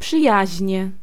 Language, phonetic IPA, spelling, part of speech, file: Polish, [pʃɨˈjäʑɲɛ], przyjaźnie, adverb / noun, Pl-przyjaźnie.ogg